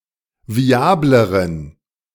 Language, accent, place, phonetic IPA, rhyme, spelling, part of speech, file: German, Germany, Berlin, [viˈaːbləʁən], -aːbləʁən, viableren, adjective, De-viableren.ogg
- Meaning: inflection of viabel: 1. strong genitive masculine/neuter singular comparative degree 2. weak/mixed genitive/dative all-gender singular comparative degree